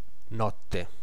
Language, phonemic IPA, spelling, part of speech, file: Italian, /ˈnɔtte/, notte, noun, It-notte.ogg